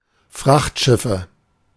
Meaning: nominative/accusative/genitive plural of Frachtschiff
- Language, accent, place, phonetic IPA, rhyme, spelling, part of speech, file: German, Germany, Berlin, [ˈfʁaxtˌʃɪfə], -axtʃɪfə, Frachtschiffe, noun, De-Frachtschiffe.ogg